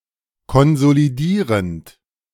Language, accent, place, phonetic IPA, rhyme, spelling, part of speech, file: German, Germany, Berlin, [kɔnzoliˈdiːʁənt], -iːʁənt, konsolidierend, verb, De-konsolidierend.ogg
- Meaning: present participle of konsolidieren